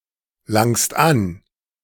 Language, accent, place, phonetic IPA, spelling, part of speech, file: German, Germany, Berlin, [ˌlaŋst ˈan], langst an, verb, De-langst an.ogg
- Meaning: second-person singular present of anlangen